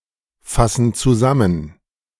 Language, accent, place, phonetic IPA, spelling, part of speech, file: German, Germany, Berlin, [ˌfasn̩ t͡suˈzamən], fassen zusammen, verb, De-fassen zusammen.ogg
- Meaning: inflection of zusammenfassen: 1. first/third-person plural present 2. first/third-person plural subjunctive I